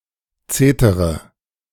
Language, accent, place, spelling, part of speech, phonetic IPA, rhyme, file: German, Germany, Berlin, zetere, verb, [ˈt͡seːtəʁə], -eːtəʁə, De-zetere.ogg
- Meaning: inflection of zetern: 1. first-person singular present 2. first-person plural subjunctive I 3. third-person singular subjunctive I 4. singular imperative